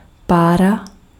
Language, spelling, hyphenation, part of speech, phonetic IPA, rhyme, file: Czech, pára, pá‧ra, noun, [ˈpaːra], -aːra, Cs-pára.ogg
- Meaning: 1. vapor 2. steam